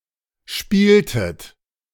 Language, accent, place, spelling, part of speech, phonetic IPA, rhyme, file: German, Germany, Berlin, spieltet, verb, [ˈʃpiːltət], -iːltət, De-spieltet.ogg
- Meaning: inflection of spielen: 1. second-person plural preterite 2. second-person plural subjunctive II